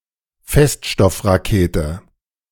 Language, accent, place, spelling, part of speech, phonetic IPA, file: German, Germany, Berlin, Feststoffrakete, noun, [ˈfɛstʃtɔfʁaˌkeːtə], De-Feststoffrakete.ogg
- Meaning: solid-fuelled rocket